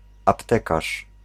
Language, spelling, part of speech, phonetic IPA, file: Polish, aptekarz, noun, [apˈtɛkaʃ], Pl-aptekarz.ogg